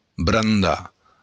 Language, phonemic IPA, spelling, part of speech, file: Occitan, /bran ˈda/, brandar, verb, LL-Q942602-brandar.wav
- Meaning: to burn